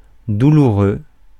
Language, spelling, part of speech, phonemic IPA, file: French, douloureux, adjective, /du.lu.ʁø/, Fr-douloureux.ogg
- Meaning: painful